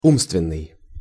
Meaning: intellectual, mental (belonging to, or performed by, the intellect; mental or cognitive)
- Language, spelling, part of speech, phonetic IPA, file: Russian, умственный, adjective, [ˈumstvʲɪn(ː)ɨj], Ru-умственный.ogg